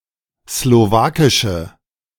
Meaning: inflection of slowakisch: 1. strong/mixed nominative/accusative feminine singular 2. strong nominative/accusative plural 3. weak nominative all-gender singular
- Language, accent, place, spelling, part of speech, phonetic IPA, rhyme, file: German, Germany, Berlin, slowakische, adjective, [sloˈvaːkɪʃə], -aːkɪʃə, De-slowakische.ogg